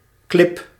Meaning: 1. rock or cliff in or around sea water 2. dune, sandy hill 3. rock on land, e.g. used as a habitat by animals 4. boulder, piece of rock
- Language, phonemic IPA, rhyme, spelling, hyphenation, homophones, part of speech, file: Dutch, /klɪp/, -ɪp, klip, klip, clip, noun, Nl-klip.ogg